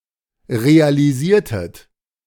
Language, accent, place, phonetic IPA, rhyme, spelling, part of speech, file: German, Germany, Berlin, [ʁealiˈziːɐ̯tət], -iːɐ̯tət, realisiertet, verb, De-realisiertet.ogg
- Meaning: inflection of realisieren: 1. second-person plural preterite 2. second-person plural subjunctive II